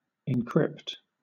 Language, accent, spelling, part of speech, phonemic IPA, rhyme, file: English, Southern England, encrypt, verb, /ɪnˈkɹɪpt/, -ɪpt, LL-Q1860 (eng)-encrypt.wav
- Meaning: 1. To conceal information by means of a code or cipher 2. To transform information using encryption in a way that it is believed only authorized parties can decode